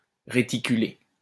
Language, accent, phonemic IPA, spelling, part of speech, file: French, France, /ʁe.ti.ky.le/, réticulé, verb / adjective, LL-Q150 (fra)-réticulé.wav
- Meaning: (verb) past participle of réticuler; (adjective) reticulated